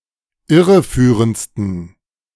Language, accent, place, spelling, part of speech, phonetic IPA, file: German, Germany, Berlin, irreführendsten, adjective, [ˈɪʁəˌfyːʁənt͡stn̩], De-irreführendsten.ogg
- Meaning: 1. superlative degree of irreführend 2. inflection of irreführend: strong genitive masculine/neuter singular superlative degree